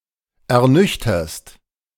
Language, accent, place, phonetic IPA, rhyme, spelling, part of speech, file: German, Germany, Berlin, [ɛɐ̯ˈnʏçtɐst], -ʏçtɐst, ernüchterst, verb, De-ernüchterst.ogg
- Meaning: second-person singular present of ernüchtern